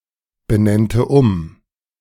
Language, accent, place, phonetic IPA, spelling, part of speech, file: German, Germany, Berlin, [bəˌnɛntə ˈʊm], benennte um, verb, De-benennte um.ogg
- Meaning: first/third-person singular subjunctive II of umbenennen